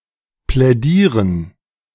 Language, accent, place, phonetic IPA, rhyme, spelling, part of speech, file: German, Germany, Berlin, [plɛˈdiːʁən], -iːʁən, plädieren, verb, De-plädieren.ogg
- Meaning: 1. to plead 2. to advocate, to make a case